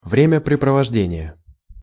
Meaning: inflection of времяпрепровожде́ние (vremjapreprovoždénije): 1. genitive singular 2. nominative/accusative plural
- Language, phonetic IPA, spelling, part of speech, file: Russian, [vrʲɪmʲɪprʲɪprəvɐʐˈdʲenʲɪjə], времяпрепровождения, noun, Ru-времяпрепровождения.ogg